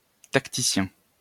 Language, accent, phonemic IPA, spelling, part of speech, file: French, France, /tak.ti.sjɛ̃/, tacticien, noun, LL-Q150 (fra)-tacticien.wav
- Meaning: tactician